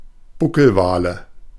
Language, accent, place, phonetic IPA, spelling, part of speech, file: German, Germany, Berlin, [ˈbʊkl̩ˌvaːlə], Buckelwale, noun, De-Buckelwale.ogg
- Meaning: nominative/accusative/genitive plural of Buckelwal